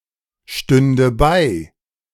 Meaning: first/third-person singular subjunctive II of beistehen
- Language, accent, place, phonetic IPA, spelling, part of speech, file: German, Germany, Berlin, [ˌʃtʏndə ˈbaɪ̯], stünde bei, verb, De-stünde bei.ogg